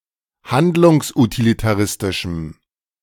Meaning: strong dative masculine/neuter singular of handlungsutilitaristisch
- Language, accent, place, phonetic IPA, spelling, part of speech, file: German, Germany, Berlin, [ˈhandlʊŋsʔutilitaˌʁɪstɪʃm̩], handlungsutilitaristischem, adjective, De-handlungsutilitaristischem.ogg